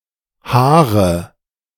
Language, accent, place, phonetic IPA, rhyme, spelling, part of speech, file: German, Germany, Berlin, [ˈhaːʁə], -aːʁə, haare, verb, De-haare.ogg
- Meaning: inflection of haaren: 1. first-person singular present 2. first/third-person singular subjunctive I 3. singular imperative